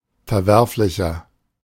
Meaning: 1. comparative degree of verwerflich 2. inflection of verwerflich: strong/mixed nominative masculine singular 3. inflection of verwerflich: strong genitive/dative feminine singular
- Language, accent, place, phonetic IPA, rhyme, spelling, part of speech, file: German, Germany, Berlin, [fɛɐ̯ˈvɛʁflɪçɐ], -ɛʁflɪçɐ, verwerflicher, adjective, De-verwerflicher.ogg